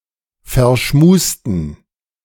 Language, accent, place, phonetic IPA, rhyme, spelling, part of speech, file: German, Germany, Berlin, [fɛɐ̯ˈʃmuːstn̩], -uːstn̩, verschmusten, adjective, De-verschmusten.ogg
- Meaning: inflection of verschmust: 1. strong genitive masculine/neuter singular 2. weak/mixed genitive/dative all-gender singular 3. strong/weak/mixed accusative masculine singular 4. strong dative plural